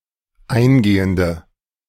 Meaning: inflection of eingehend: 1. strong/mixed nominative/accusative feminine singular 2. strong nominative/accusative plural 3. weak nominative all-gender singular
- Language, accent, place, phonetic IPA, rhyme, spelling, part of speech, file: German, Germany, Berlin, [ˈaɪ̯nˌɡeːəndə], -aɪ̯nɡeːəndə, eingehende, adjective, De-eingehende.ogg